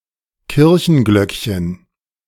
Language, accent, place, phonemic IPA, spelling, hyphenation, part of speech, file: German, Germany, Berlin, /ˈkɪʁçənˌɡlœkçən/, Kirchenglöckchen, Kir‧chen‧glöck‧chen, noun, De-Kirchenglöckchen.ogg
- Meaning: diminutive of Kirchenglocke (“church bell”)